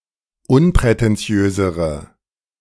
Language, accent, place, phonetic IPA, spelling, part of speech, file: German, Germany, Berlin, [ˈʊnpʁɛtɛnˌt͡si̯øːzəʁə], unprätentiösere, adjective, De-unprätentiösere.ogg
- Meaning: inflection of unprätentiös: 1. strong/mixed nominative/accusative feminine singular comparative degree 2. strong nominative/accusative plural comparative degree